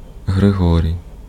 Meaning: a male given name, Hryhoriy, from Ancient Greek, equivalent to English Gregory
- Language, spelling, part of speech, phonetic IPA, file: Ukrainian, Григорій, proper noun, [ɦreˈɦɔrʲii̯], Uk-Григорій.ogg